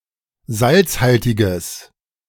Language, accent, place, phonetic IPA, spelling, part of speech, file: German, Germany, Berlin, [ˈzalt͡sˌhaltɪɡəs], salzhaltiges, adjective, De-salzhaltiges.ogg
- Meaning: strong/mixed nominative/accusative neuter singular of salzhaltig